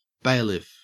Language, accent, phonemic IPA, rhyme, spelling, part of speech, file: English, Australia, /ˈbeɪlɪf/, -eɪlɪf, bailiff, noun, En-au-bailiff.ogg